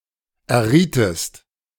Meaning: inflection of erraten: 1. second-person singular preterite 2. second-person singular subjunctive II
- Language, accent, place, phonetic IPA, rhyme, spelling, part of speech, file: German, Germany, Berlin, [ɛɐ̯ˈʁiːtəst], -iːtəst, errietest, verb, De-errietest.ogg